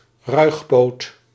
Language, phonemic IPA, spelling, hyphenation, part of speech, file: Dutch, /ˈrœy̯x.poːt/, ruigpoot, ruig‧poot, noun, Nl-ruigpoot.ogg
- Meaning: homo, poof, faggot (homophobic slur for a homosexual man)